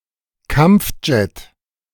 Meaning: fighter jet
- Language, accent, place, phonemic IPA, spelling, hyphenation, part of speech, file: German, Germany, Berlin, /ˈkam(p)fˌ(d)ʒɛt/, Kampfjet, Kampf‧jet, noun, De-Kampfjet.ogg